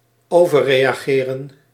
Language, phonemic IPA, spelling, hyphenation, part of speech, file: Dutch, /ˌoː.vərˈreːaː.ɣeːrə(n)/, overreageren, over‧re‧a‧ge‧ren, verb, Nl-overreageren.ogg
- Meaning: to overreact, overrespond